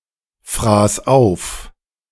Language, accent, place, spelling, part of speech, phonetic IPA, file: German, Germany, Berlin, fraß auf, verb, [ˌfʁaːs ˈaʊ̯f], De-fraß auf.ogg
- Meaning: first/third-person singular preterite of auffressen